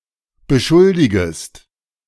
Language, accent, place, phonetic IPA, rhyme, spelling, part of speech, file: German, Germany, Berlin, [bəˈʃʊldɪɡəst], -ʊldɪɡəst, beschuldigest, verb, De-beschuldigest.ogg
- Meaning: second-person singular subjunctive I of beschuldigen